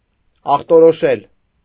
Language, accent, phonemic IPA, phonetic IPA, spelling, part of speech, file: Armenian, Eastern Armenian, /ɑχtoɾoˈʃel/, [ɑχtoɾoʃél], ախտորոշել, verb, Hy-ախտորոշել.ogg
- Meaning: to diagnose